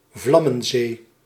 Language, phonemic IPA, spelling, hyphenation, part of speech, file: Dutch, /ˈvlɑ.mə(n)ˌzeː/, vlammenzee, vlam‧men‧zee, noun, Nl-vlammenzee.ogg
- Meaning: inferno, conflagration, sea of fire